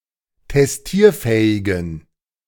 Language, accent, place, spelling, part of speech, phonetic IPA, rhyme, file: German, Germany, Berlin, testierfähigen, adjective, [tɛsˈtiːɐ̯ˌfɛːɪɡn̩], -iːɐ̯fɛːɪɡn̩, De-testierfähigen.ogg
- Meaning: inflection of testierfähig: 1. strong genitive masculine/neuter singular 2. weak/mixed genitive/dative all-gender singular 3. strong/weak/mixed accusative masculine singular 4. strong dative plural